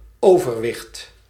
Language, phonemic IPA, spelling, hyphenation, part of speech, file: Dutch, /ˈoː.vərˌʋɪxt/, overwicht, over‧wicht, noun, Nl-overwicht.ogg
- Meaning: 1. dominance, prevalence, ascendancy, superiority 2. excess weight